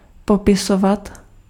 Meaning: to describe
- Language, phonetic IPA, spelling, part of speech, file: Czech, [ˈpopɪsovat], popisovat, verb, Cs-popisovat.ogg